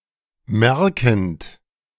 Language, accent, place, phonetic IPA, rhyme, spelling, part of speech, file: German, Germany, Berlin, [ˈmɛʁkn̩t], -ɛʁkn̩t, merkend, verb, De-merkend.ogg
- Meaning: present participle of merken